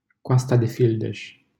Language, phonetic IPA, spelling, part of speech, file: Romanian, [ˈko̯a.sta.deˌfil.deʃ], Coasta de Fildeș, proper noun, LL-Q7913 (ron)-Coasta de Fildeș.wav
- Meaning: Ivory Coast, Côte d'Ivoire (a country in West Africa)